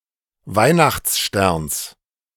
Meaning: genitive singular of Weihnachtsstern
- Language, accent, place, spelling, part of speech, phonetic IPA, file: German, Germany, Berlin, Weihnachtssterns, noun, [ˈvaɪ̯naxt͡sˌʃtɛʁns], De-Weihnachtssterns.ogg